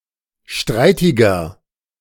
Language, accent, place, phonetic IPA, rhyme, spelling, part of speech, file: German, Germany, Berlin, [ˈʃtʁaɪ̯tɪɡɐ], -aɪ̯tɪɡɐ, streitiger, adjective, De-streitiger.ogg
- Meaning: inflection of streitig: 1. strong/mixed nominative masculine singular 2. strong genitive/dative feminine singular 3. strong genitive plural